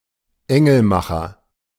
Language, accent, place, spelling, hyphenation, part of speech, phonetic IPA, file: German, Germany, Berlin, Engelmacher, En‧gel‧ma‧cher, noun, [ˈɛŋl̩ˌmaxɐ], De-Engelmacher.ogg
- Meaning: abortionist (one who performs an illegal abortion in a non-medical setting)